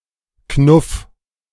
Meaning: 1. singular imperative of knuffen 2. first-person singular present of knuffen
- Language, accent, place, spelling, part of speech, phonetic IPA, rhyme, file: German, Germany, Berlin, knuff, verb, [knʊf], -ʊf, De-knuff.ogg